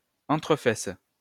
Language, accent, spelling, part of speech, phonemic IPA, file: French, France, entrefesse, noun, /ɑ̃.tʁə.fɛs/, LL-Q150 (fra)-entrefesse.wav
- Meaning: butt crack (the space between the buttocks)